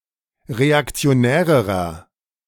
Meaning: inflection of reaktionär: 1. strong/mixed nominative masculine singular comparative degree 2. strong genitive/dative feminine singular comparative degree 3. strong genitive plural comparative degree
- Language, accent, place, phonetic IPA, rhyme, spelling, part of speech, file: German, Germany, Berlin, [ʁeakt͡si̯oˈnɛːʁəʁɐ], -ɛːʁəʁɐ, reaktionärerer, adjective, De-reaktionärerer.ogg